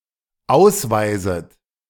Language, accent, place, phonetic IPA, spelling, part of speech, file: German, Germany, Berlin, [ˈaʊ̯sˌvaɪ̯zət], ausweiset, verb, De-ausweiset.ogg
- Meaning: second-person plural dependent subjunctive I of ausweisen